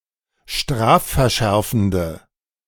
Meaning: inflection of strafverschärfend: 1. strong/mixed nominative/accusative feminine singular 2. strong nominative/accusative plural 3. weak nominative all-gender singular
- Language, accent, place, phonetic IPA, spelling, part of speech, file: German, Germany, Berlin, [ˈʃtʁaːffɛɐ̯ˌʃɛʁfn̩də], strafverschärfende, adjective, De-strafverschärfende.ogg